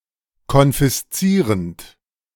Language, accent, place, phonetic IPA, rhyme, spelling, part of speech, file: German, Germany, Berlin, [kɔnfɪsˈt͡siːʁənt], -iːʁənt, konfiszierend, verb, De-konfiszierend.ogg
- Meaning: present participle of konfiszieren